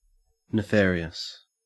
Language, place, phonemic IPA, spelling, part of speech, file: English, Queensland, /nɪˈfeːɹi.əs/, nefarious, adjective, En-au-nefarious.ogg
- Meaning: Sinful, villainous, criminal, or wicked, especially when noteworthy or notorious for such characteristics